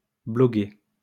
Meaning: alternative form of bloguer
- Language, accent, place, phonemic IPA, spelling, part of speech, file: French, France, Lyon, /blɔ.ɡe/, blogguer, verb, LL-Q150 (fra)-blogguer.wav